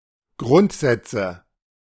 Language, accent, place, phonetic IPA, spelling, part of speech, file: German, Germany, Berlin, [ˈɡʁʊntˌzɛt͡sə], Grundsätze, noun, De-Grundsätze.ogg
- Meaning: nominative/accusative/genitive plural of Grundsatz